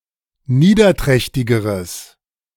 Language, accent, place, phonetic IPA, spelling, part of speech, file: German, Germany, Berlin, [ˈniːdɐˌtʁɛçtɪɡəʁəs], niederträchtigeres, adjective, De-niederträchtigeres.ogg
- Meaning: strong/mixed nominative/accusative neuter singular comparative degree of niederträchtig